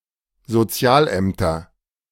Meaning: nominative/accusative/genitive plural of Sozialamt
- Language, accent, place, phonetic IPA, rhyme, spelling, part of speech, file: German, Germany, Berlin, [zoˈt͡si̯aːlˌʔɛmtɐ], -aːlʔɛmtɐ, Sozialämter, noun, De-Sozialämter.ogg